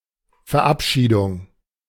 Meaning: 1. dismissal 2. seeing off 3. enactment, passage, adoption 4. funeral service, especially a Lutheran one
- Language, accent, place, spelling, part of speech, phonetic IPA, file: German, Germany, Berlin, Verabschiedung, noun, [fɛɐ̯ˈʔapˌʃiːdʊŋ], De-Verabschiedung.ogg